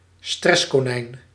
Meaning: someone who is often anxious or prone to stress, a neurotic person
- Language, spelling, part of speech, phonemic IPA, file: Dutch, stresskonijn, noun, /ˈstrɛs.koː.nɛi̯n/, Nl-stresskonijn.ogg